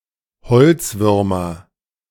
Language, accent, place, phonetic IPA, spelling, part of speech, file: German, Germany, Berlin, [ˈhɔlt͡sˌvʏʁmɐ], Holzwürmer, noun, De-Holzwürmer.ogg
- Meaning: nominative/accusative/genitive plural of Holzwurm